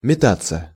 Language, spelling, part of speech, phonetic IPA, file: Russian, метаться, verb, [mʲɪˈtat͡sːə], Ru-метаться.ogg
- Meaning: 1. to rush about 2. to toss, to toss about 3. passive of мета́ть (metátʹ)